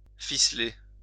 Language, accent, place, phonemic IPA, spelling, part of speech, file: French, France, Lyon, /fi.sle/, ficeler, verb, LL-Q150 (fra)-ficeler.wav
- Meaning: to tie up, to truss